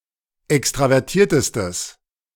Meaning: strong/mixed nominative/accusative neuter singular superlative degree of extravertiert
- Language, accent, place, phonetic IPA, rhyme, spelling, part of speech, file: German, Germany, Berlin, [ˌɛkstʁavɛʁˈtiːɐ̯təstəs], -iːɐ̯təstəs, extravertiertestes, adjective, De-extravertiertestes.ogg